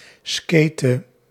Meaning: inflection of skaten: 1. singular past indicative 2. singular past subjunctive
- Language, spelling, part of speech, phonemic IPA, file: Dutch, skatete, verb, /ˈskeːtə/, Nl-skatete.ogg